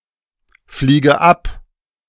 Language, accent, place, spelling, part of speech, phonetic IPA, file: German, Germany, Berlin, fliege ab, verb, [ˌfliːɡə ˈap], De-fliege ab.ogg
- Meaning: inflection of abfliegen: 1. first-person singular present 2. first/third-person singular subjunctive I 3. singular imperative